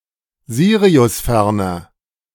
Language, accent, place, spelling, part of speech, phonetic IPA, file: German, Germany, Berlin, siriusferner, adjective, [ˈziːʁiʊsˌfɛʁnɐ], De-siriusferner.ogg
- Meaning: inflection of siriusfern: 1. strong/mixed nominative masculine singular 2. strong genitive/dative feminine singular 3. strong genitive plural